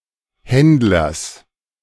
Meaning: genitive singular of Händler
- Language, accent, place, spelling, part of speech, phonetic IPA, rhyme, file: German, Germany, Berlin, Händlers, noun, [ˈhɛndlɐs], -ɛndlɐs, De-Händlers.ogg